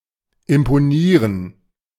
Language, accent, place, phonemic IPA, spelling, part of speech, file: German, Germany, Berlin, /ɪmpoˈniːʁən/, imponieren, verb, De-imponieren.ogg
- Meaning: to impress